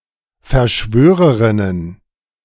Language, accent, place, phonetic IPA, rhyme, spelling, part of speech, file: German, Germany, Berlin, [fɛɐ̯ˈʃvøːʁəʁɪnən], -øːʁəʁɪnən, Verschwörerinnen, noun, De-Verschwörerinnen.ogg
- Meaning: plural of Verschwörerin